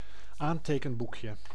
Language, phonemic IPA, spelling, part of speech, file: Dutch, /ˈantekəmˌbukjə/, aantekenboekje, noun, Nl-aantekenboekje.ogg
- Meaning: diminutive of aantekenboek